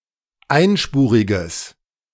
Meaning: strong/mixed nominative/accusative neuter singular of einspurig
- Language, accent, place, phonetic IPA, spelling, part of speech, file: German, Germany, Berlin, [ˈaɪ̯nˌʃpuːʁɪɡəs], einspuriges, adjective, De-einspuriges.ogg